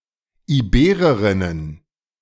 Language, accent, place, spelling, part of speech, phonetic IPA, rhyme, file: German, Germany, Berlin, Ibererinnen, noun, [iˈbeːʁəʁɪnən], -eːʁəʁɪnən, De-Ibererinnen.ogg
- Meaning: plural of Ibererin